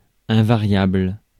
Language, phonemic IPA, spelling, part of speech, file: French, /ɛ̃.va.ʁjabl/, invariable, adjective, Fr-invariable.ogg
- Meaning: invariable